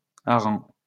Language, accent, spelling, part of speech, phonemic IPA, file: French, France, harengs, noun, /a.ʁɑ̃/, LL-Q150 (fra)-harengs.wav
- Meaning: plural of hareng